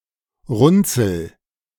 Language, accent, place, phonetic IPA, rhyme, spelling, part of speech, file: German, Germany, Berlin, [ˈʁʊnt͡sl̩], -ʊnt͡sl̩, runzel, verb, De-runzel.ogg
- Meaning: inflection of runzeln: 1. first-person singular present 2. singular imperative